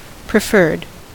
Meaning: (verb) 1. simple past and past participle of prefer 2. simple past and past participle of preferre; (adjective) favoured; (noun) Preferred stock
- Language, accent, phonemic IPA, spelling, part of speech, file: English, US, /pɹɪˈfɝd/, preferred, verb / adjective / noun, En-us-preferred.ogg